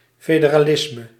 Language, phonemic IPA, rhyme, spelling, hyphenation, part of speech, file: Dutch, /ˌfeː.də.raːˈlɪs.mə/, -ɪsmə, federalisme, fe‧de‧ra‧lis‧me, noun, Nl-federalisme.ogg
- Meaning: federalism